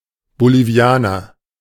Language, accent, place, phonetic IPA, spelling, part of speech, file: German, Germany, Berlin, [boliːˈvi̯aːnɐ], Bolivianer, noun, De-Bolivianer.ogg
- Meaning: Bolivian, person from Bolivia